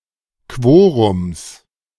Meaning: genitive singular of Quorum
- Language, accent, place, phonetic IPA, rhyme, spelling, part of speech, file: German, Germany, Berlin, [ˈkvoːʁʊms], -oːʁʊms, Quorums, noun, De-Quorums.ogg